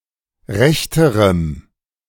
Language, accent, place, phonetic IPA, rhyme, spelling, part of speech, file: German, Germany, Berlin, [ˈʁɛçtəʁəm], -ɛçtəʁəm, rechterem, adjective, De-rechterem.ogg
- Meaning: strong dative masculine/neuter singular comparative degree of recht